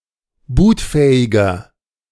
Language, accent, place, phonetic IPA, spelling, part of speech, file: German, Germany, Berlin, [ˈbuːtˌfɛːɪɡɐ], bootfähiger, adjective, De-bootfähiger.ogg
- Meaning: inflection of bootfähig: 1. strong/mixed nominative masculine singular 2. strong genitive/dative feminine singular 3. strong genitive plural